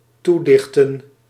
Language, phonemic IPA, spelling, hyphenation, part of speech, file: Dutch, /ˈtuˌdɪx.tə(n)/, toedichten, toe‧dich‧ten, verb, Nl-toedichten.ogg
- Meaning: to ascribe, to attribute, to impute